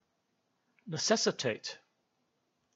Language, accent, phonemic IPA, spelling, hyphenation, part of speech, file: English, Received Pronunciation, /nɪˈsɛsɪteɪt/, necessitate, ne‧ces‧sit‧ate, verb, En-uk-necessitate.ogg
- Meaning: 1. To make necessary; to behove; to require (something) to be brought about 2. To force (a person) into a certain course of action; compel